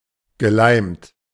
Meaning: past participle of leimen
- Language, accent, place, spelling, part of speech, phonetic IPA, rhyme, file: German, Germany, Berlin, geleimt, verb, [ɡəˈlaɪ̯mt], -aɪ̯mt, De-geleimt.ogg